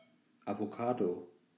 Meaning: avocado (fruit; tree)
- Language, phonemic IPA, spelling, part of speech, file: German, /avoˈkaːdo/, Avocado, noun, De-Avocado.ogg